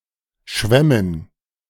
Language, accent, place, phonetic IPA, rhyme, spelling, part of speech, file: German, Germany, Berlin, [ˈʃvɛmən], -ɛmən, schwämmen, verb, De-schwämmen.ogg
- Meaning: first/third-person plural subjunctive II of schwimmen